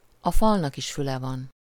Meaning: walls have ears
- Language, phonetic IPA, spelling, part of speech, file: Hungarian, [ɒ ˈfɒlnɒkiʃ ˈfylɛvɒn], a falnak is füle van, proverb, Hu-a falnak is füle van.ogg